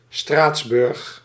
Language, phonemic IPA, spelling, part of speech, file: Dutch, /ˈstraːts.bʏrx/, Straatsburg, proper noun, Nl-Straatsburg.ogg
- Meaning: Strasbourg (the capital city of Bas-Rhin department, France; the capital city of the region of Grand Est)